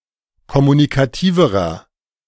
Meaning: inflection of kommunikativ: 1. strong/mixed nominative masculine singular comparative degree 2. strong genitive/dative feminine singular comparative degree 3. strong genitive plural comparative degree
- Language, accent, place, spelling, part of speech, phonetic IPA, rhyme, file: German, Germany, Berlin, kommunikativerer, adjective, [kɔmunikaˈtiːvəʁɐ], -iːvəʁɐ, De-kommunikativerer.ogg